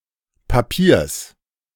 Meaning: genitive singular of Papier
- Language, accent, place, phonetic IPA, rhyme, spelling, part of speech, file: German, Germany, Berlin, [paˈpiːɐ̯s], -iːɐ̯s, Papiers, noun, De-Papiers.ogg